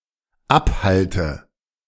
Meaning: inflection of abhalten: 1. first-person singular dependent present 2. first/third-person singular dependent subjunctive I
- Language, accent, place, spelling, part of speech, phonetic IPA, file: German, Germany, Berlin, abhalte, verb, [ˈapˌhaltə], De-abhalte.ogg